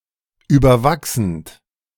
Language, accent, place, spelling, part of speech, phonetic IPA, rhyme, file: German, Germany, Berlin, überwachsend, verb, [ˌyːbɐˈvaksn̩t], -aksn̩t, De-überwachsend.ogg
- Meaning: present participle of überwachsen